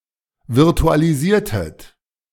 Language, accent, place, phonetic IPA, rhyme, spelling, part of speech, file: German, Germany, Berlin, [vɪʁtualiˈziːɐ̯tət], -iːɐ̯tət, virtualisiertet, verb, De-virtualisiertet.ogg
- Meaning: inflection of virtualisieren: 1. second-person plural preterite 2. second-person plural subjunctive II